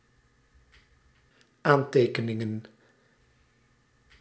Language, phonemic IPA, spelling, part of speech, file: Dutch, /ˈantekəˌnɪŋə(n)/, aantekeningen, noun, Nl-aantekeningen.ogg
- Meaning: plural of aantekening